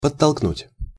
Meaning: 1. to nudge, to push slightly 2. to encourage, to urge on
- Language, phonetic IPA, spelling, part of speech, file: Russian, [pətːɐɫkˈnutʲ], подтолкнуть, verb, Ru-подтолкнуть.ogg